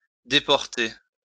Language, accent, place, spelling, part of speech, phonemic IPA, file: French, France, Lyon, déporter, verb, /de.pɔʁ.te/, LL-Q150 (fra)-déporter.wav
- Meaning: 1. to deport (expel from a country) 2. to send to a concentration camp 3. to put off course, carry off course 4. to swerve 5. to sway, waver